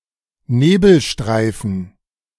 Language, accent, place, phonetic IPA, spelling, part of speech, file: German, Germany, Berlin, [ˈneːbl̩ˌʃtʁaɪ̯fn̩], Nebelstreifen, noun, De-Nebelstreifen.ogg
- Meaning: dative plural of Nebelstreif